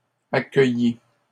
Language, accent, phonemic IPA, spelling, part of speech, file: French, Canada, /a.kœ.ji/, accueillis, verb, LL-Q150 (fra)-accueillis.wav
- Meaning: 1. first/second-person singular past historic of accueillir 2. masculine plural of accueilli